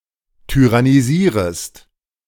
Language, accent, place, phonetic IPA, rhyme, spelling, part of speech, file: German, Germany, Berlin, [tyʁaniˈziːʁəst], -iːʁəst, tyrannisierest, verb, De-tyrannisierest.ogg
- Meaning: second-person singular subjunctive I of tyrannisieren